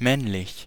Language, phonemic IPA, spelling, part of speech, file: German, /ˈmɛnlɪç/, männlich, adjective, De-männlich.ogg
- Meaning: 1. male 2. manly 3. masculine